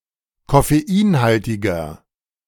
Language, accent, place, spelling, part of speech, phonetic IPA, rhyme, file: German, Germany, Berlin, koffeinhaltiger, adjective, [kɔfeˈiːnˌhaltɪɡɐ], -iːnhaltɪɡɐ, De-koffeinhaltiger.ogg
- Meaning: inflection of koffeinhaltig: 1. strong/mixed nominative masculine singular 2. strong genitive/dative feminine singular 3. strong genitive plural